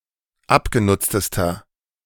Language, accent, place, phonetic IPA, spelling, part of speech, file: German, Germany, Berlin, [ˈapɡeˌnʊt͡stəstɐ], abgenutztester, adjective, De-abgenutztester.ogg
- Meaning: inflection of abgenutzt: 1. strong/mixed nominative masculine singular superlative degree 2. strong genitive/dative feminine singular superlative degree 3. strong genitive plural superlative degree